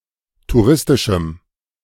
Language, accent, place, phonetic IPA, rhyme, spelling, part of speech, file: German, Germany, Berlin, [tuˈʁɪstɪʃm̩], -ɪstɪʃm̩, touristischem, adjective, De-touristischem.ogg
- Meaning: strong dative masculine/neuter singular of touristisch